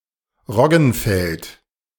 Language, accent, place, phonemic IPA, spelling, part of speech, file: German, Germany, Berlin, /ˈʁɔɡənfɛlt/, Roggenfeld, noun, De-Roggenfeld.ogg
- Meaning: rye field